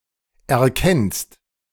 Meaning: second-person singular present of erkennen
- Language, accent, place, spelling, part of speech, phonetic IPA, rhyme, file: German, Germany, Berlin, erkennst, verb, [ɛɐ̯ˈkɛnst], -ɛnst, De-erkennst.ogg